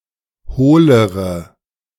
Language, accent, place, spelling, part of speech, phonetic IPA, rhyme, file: German, Germany, Berlin, hohlere, adjective, [ˈhoːləʁə], -oːləʁə, De-hohlere.ogg
- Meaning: inflection of hohl: 1. strong/mixed nominative/accusative feminine singular comparative degree 2. strong nominative/accusative plural comparative degree